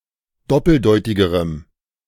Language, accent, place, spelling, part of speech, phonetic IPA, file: German, Germany, Berlin, doppeldeutigerem, adjective, [ˈdɔpl̩ˌdɔɪ̯tɪɡəʁəm], De-doppeldeutigerem.ogg
- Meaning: strong dative masculine/neuter singular comparative degree of doppeldeutig